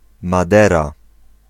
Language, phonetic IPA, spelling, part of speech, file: Polish, [maˈdɛra], Madera, proper noun, Pl-Madera.ogg